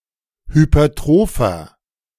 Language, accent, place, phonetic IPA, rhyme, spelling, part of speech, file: German, Germany, Berlin, [hypɐˈtʁoːfɐ], -oːfɐ, hypertropher, adjective, De-hypertropher.ogg
- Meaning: inflection of hypertroph: 1. strong/mixed nominative masculine singular 2. strong genitive/dative feminine singular 3. strong genitive plural